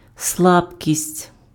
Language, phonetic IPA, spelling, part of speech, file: Ukrainian, [ˈsɫabkʲisʲtʲ], слабкість, noun, Uk-слабкість.ogg
- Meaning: 1. weakness, feebleness (condition of being weak) 2. weakness, weak point (inadequate quality; fault)